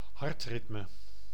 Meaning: heart rate, cardiac rhythm, heart rhythm
- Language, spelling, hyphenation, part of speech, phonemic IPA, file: Dutch, hartritme, hart‧rit‧me, noun, /ˈɦɑrtˌrɪt.mə/, Nl-hartritme.ogg